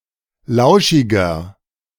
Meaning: 1. comparative degree of lauschig 2. inflection of lauschig: strong/mixed nominative masculine singular 3. inflection of lauschig: strong genitive/dative feminine singular
- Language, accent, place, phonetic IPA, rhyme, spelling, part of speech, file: German, Germany, Berlin, [ˈlaʊ̯ʃɪɡɐ], -aʊ̯ʃɪɡɐ, lauschiger, adjective, De-lauschiger.ogg